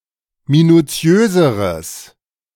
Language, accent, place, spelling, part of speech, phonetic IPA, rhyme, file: German, Germany, Berlin, minuziöseres, adjective, [minuˈt͡si̯øːzəʁəs], -øːzəʁəs, De-minuziöseres.ogg
- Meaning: strong/mixed nominative/accusative neuter singular comparative degree of minuziös